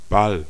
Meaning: 1. ball (round or roundish object, most commonly used in games) 2. pass, play 3. ball (social gathering for dancing), prom (US)
- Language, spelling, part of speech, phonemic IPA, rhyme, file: German, Ball, noun, /bal/, -al, De-Ball.ogg